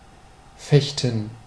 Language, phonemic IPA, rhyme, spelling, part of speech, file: German, /ˈfɛçtn̩/, -ɛçtn̩, fechten, verb, De-fechten.ogg
- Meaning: 1. to fence 2. to fight 3. to beg